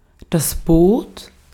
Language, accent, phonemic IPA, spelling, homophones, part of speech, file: German, Austria, /boːt/, Boot, bot, noun, De-at-Boot.ogg
- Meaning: boat